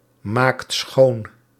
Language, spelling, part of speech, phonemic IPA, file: Dutch, maakt schoon, verb, /ˈmakt ˈsxon/, Nl-maakt schoon.ogg
- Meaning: inflection of schoonmaken: 1. second/third-person singular present indicative 2. plural imperative